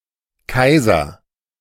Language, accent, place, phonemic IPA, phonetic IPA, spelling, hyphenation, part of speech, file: German, Germany, Berlin, /ˈkaɪ̯zər/, [ˈkaɪ̯.zɐ], Kaiser, Kai‧ser, noun / proper noun, De-Kaiser.ogg
- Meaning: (noun) emperor (ruler of certain monarchies; highest monarch); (proper noun) 1. a common surname 2. nickname of Franz Beckenbauer